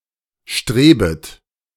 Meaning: second-person plural subjunctive I of streben
- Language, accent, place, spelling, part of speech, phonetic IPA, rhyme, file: German, Germany, Berlin, strebet, verb, [ˈʃtʁeːbət], -eːbət, De-strebet.ogg